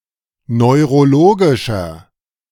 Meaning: inflection of neurologisch: 1. strong/mixed nominative masculine singular 2. strong genitive/dative feminine singular 3. strong genitive plural
- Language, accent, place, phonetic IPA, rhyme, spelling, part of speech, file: German, Germany, Berlin, [nɔɪ̯ʁoˈloːɡɪʃɐ], -oːɡɪʃɐ, neurologischer, adjective, De-neurologischer.ogg